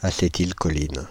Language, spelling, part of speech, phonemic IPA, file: French, acétylcholine, noun, /a.se.til.kɔ.lin/, Fr-acétylcholine.ogg
- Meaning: acetylcholine (a neurotransmitter in humans and other animals)